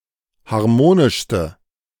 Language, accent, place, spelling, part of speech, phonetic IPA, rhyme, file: German, Germany, Berlin, harmonischste, adjective, [haʁˈmoːnɪʃstə], -oːnɪʃstə, De-harmonischste.ogg
- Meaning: inflection of harmonisch: 1. strong/mixed nominative/accusative feminine singular superlative degree 2. strong nominative/accusative plural superlative degree